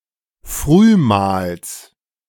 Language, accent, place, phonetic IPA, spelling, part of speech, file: German, Germany, Berlin, [ˈfʁyːˌmaːls], Frühmahls, noun, De-Frühmahls.ogg
- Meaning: genitive singular of Frühmahl